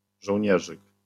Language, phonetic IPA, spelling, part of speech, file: Polish, [ʒɔwʲˈɲɛʒɨk], żołnierzyk, noun, LL-Q809 (pol)-żołnierzyk.wav